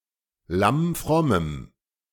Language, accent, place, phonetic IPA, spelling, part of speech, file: German, Germany, Berlin, [ˌlamˈfʁɔməm], lammfrommem, adjective, De-lammfrommem.ogg
- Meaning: strong dative masculine/neuter singular of lammfromm